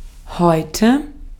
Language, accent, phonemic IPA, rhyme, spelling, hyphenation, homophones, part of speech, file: German, Austria, /ˈhɔʏ̯tə/, -ɔʏ̯tə, heute, heu‧te, häute / Häute, adverb, De-at-heute.ogg
- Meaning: today